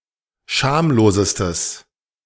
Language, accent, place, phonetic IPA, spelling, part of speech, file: German, Germany, Berlin, [ˈʃaːmloːzəstəs], schamlosestes, adjective, De-schamlosestes.ogg
- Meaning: strong/mixed nominative/accusative neuter singular superlative degree of schamlos